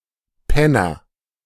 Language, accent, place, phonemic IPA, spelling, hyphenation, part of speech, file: German, Germany, Berlin, /ˈpɛnɐ/, Penner, Pen‧ner, noun, De-Penner.ogg
- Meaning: 1. bum (homeless person; lazy, incompetent) 2. jerk, annoying person